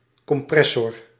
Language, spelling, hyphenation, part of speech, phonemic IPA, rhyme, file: Dutch, compressor, com‧pres‧sor, noun, /ˌkɔmˈprɛ.sɔr/, -ɛsɔr, Nl-compressor.ogg
- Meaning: compressor